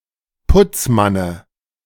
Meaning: dative of Putzmann
- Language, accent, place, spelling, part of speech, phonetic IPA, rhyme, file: German, Germany, Berlin, Putzmanne, noun, [ˈpʊt͡sˌmanə], -ʊt͡smanə, De-Putzmanne.ogg